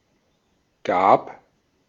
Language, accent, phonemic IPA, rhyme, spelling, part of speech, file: German, Austria, /ɡaːp/, -aːp, gab, verb, De-at-gab.ogg
- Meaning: first/third-person singular preterite of geben